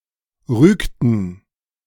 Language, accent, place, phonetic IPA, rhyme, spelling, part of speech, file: German, Germany, Berlin, [ˈʁyːktn̩], -yːktn̩, rügten, verb, De-rügten.ogg
- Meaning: inflection of rügen: 1. first/third-person plural preterite 2. first/third-person plural subjunctive II